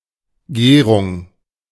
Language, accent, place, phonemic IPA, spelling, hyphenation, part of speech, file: German, Germany, Berlin, /ˈɡeːʁʊŋ/, Gehrung, Geh‧rung, noun, De-Gehrung.ogg
- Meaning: mitre (joint)